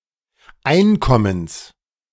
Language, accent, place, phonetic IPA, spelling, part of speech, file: German, Germany, Berlin, [ˈaɪ̯nˌkɔməns], Einkommens, noun, De-Einkommens.ogg
- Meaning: genitive singular of Einkommen